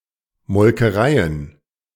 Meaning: plural of Molkerei
- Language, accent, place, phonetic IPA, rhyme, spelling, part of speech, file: German, Germany, Berlin, [mɔlkəˈʁaɪ̯ən], -aɪ̯ən, Molkereien, noun, De-Molkereien.ogg